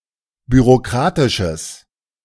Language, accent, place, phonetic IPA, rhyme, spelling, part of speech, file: German, Germany, Berlin, [byʁoˈkʁaːtɪʃəs], -aːtɪʃəs, bürokratisches, adjective, De-bürokratisches.ogg
- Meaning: strong/mixed nominative/accusative neuter singular of bürokratisch